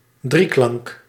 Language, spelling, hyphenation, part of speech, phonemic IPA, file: Dutch, drieklank, drie‧klank, noun, /ˈdriklɑŋk/, Nl-drieklank.ogg
- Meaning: a tierce, third or triad, spanning three tones in an octave